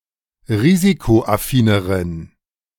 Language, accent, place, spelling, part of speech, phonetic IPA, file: German, Germany, Berlin, risikoaffineren, adjective, [ˈʁiːzikoʔaˌfiːnəʁən], De-risikoaffineren.ogg
- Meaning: inflection of risikoaffin: 1. strong genitive masculine/neuter singular comparative degree 2. weak/mixed genitive/dative all-gender singular comparative degree